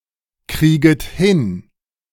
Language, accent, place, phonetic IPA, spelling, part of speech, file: German, Germany, Berlin, [ˌkʁiːɡət ˈhɪn], krieget hin, verb, De-krieget hin.ogg
- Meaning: second-person plural subjunctive I of hinkriegen